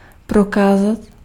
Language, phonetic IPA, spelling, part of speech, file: Czech, [ˈprokaːzat], prokázat, verb, Cs-prokázat.ogg
- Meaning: to demonstrate, to show, to prove